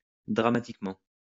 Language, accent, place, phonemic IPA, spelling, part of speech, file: French, France, Lyon, /dʁa.ma.tik.mɑ̃/, dramatiquement, adverb, LL-Q150 (fra)-dramatiquement.wav
- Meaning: dramatically